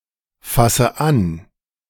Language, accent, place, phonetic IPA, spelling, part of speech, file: German, Germany, Berlin, [ˌfasə ˈan], fasse an, verb, De-fasse an.ogg
- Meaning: inflection of anfassen: 1. first-person singular present 2. first/third-person singular subjunctive I 3. singular imperative